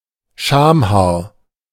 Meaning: 1. pubic hair (collectively) 2. pubic hair (a single hair growing in the pubic region)
- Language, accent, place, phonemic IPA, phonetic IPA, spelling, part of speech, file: German, Germany, Berlin, /ˈʃaːmˌhaːʁ/, [ˈʃaːmˌhaːɐ̯], Schamhaar, noun, De-Schamhaar.ogg